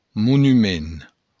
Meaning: monument
- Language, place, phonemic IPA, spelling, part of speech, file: Occitan, Béarn, /munyˈmen/, monument, noun, LL-Q14185 (oci)-monument.wav